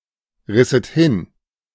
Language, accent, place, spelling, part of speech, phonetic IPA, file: German, Germany, Berlin, risset hin, verb, [ˌʁɪsət ˈhɪn], De-risset hin.ogg
- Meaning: second-person plural subjunctive II of hinreißen